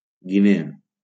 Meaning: Guinea (a country in West Africa)
- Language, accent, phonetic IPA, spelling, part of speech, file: Catalan, Valencia, [ɡiˈne.a], Guinea, proper noun, LL-Q7026 (cat)-Guinea.wav